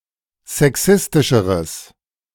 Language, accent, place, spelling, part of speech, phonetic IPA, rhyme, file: German, Germany, Berlin, sexistischeres, adjective, [zɛˈksɪstɪʃəʁəs], -ɪstɪʃəʁəs, De-sexistischeres.ogg
- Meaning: strong/mixed nominative/accusative neuter singular comparative degree of sexistisch